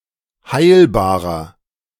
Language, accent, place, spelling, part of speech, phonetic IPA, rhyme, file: German, Germany, Berlin, heilbarer, adjective, [ˈhaɪ̯lbaːʁɐ], -aɪ̯lbaːʁɐ, De-heilbarer.ogg
- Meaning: inflection of heilbar: 1. strong/mixed nominative masculine singular 2. strong genitive/dative feminine singular 3. strong genitive plural